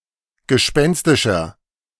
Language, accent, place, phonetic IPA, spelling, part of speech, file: German, Germany, Berlin, [ɡəˈʃpɛnstɪʃɐ], gespenstischer, adjective, De-gespenstischer.ogg
- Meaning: inflection of gespenstisch: 1. strong/mixed nominative masculine singular 2. strong genitive/dative feminine singular 3. strong genitive plural